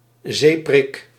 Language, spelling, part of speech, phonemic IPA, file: Dutch, zeeprik, noun, /ˈzeː.prɪk/, Nl-zeeprik.ogg
- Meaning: sea lamprey (Petromyzon marinus)